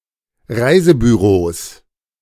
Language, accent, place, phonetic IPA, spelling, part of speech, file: German, Germany, Berlin, [ˈʁaɪ̯zəbyˌʁoːs], Reisebüros, noun, De-Reisebüros.ogg
- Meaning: plural of Reisebüro